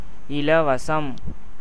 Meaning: gratuity, anything obtained or done for free
- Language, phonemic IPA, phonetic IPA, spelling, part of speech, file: Tamil, /ɪlɐʋɐtʃɐm/, [ɪlɐʋɐsɐm], இலவசம், noun, Ta-இலவசம்.ogg